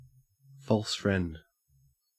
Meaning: 1. A word in a language that bears a deceptive resemblance to a word in another language but in fact has a different meaning 2. Used other than figuratively or idiomatically: see false, friend
- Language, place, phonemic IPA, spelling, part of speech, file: English, Queensland, /ˌfoːls ˈfɹend/, false friend, noun, En-au-false friend.ogg